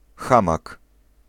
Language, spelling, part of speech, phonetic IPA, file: Polish, hamak, noun, [ˈxãmak], Pl-hamak.ogg